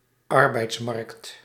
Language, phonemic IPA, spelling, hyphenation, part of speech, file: Dutch, /ˈɑr.bɛi̯tsˌmɑrkt/, arbeidsmarkt, ar‧beids‧markt, noun, Nl-arbeidsmarkt.ogg
- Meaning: labour market